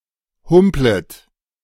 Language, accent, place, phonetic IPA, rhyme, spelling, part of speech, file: German, Germany, Berlin, [ˈhʊmplət], -ʊmplət, humplet, verb, De-humplet.ogg
- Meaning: second-person plural subjunctive I of humpeln